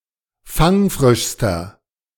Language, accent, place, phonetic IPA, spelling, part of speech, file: German, Germany, Berlin, [ˈfaŋˌfʁɪʃstɐ], fangfrischster, adjective, De-fangfrischster.ogg
- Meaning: inflection of fangfrisch: 1. strong/mixed nominative masculine singular superlative degree 2. strong genitive/dative feminine singular superlative degree 3. strong genitive plural superlative degree